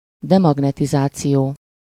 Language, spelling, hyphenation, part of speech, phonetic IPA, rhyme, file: Hungarian, demagnetizáció, de‧mag‧ne‧ti‧zá‧ció, noun, [ˈdɛmɒɡnɛtizaːt͡sijoː], -joː, Hu-demagnetizáció.ogg
- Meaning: demagnetisation